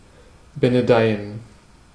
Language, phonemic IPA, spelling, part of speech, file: German, /benəˈdaɪ̯ən/, benedeien, verb, De-benedeien.ogg
- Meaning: to bless